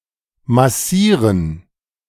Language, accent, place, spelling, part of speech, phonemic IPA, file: German, Germany, Berlin, massieren, verb, /maˈsiːrən/, De-massieren.ogg
- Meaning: 1. to massage 2. to mass, amass, concentrate, condense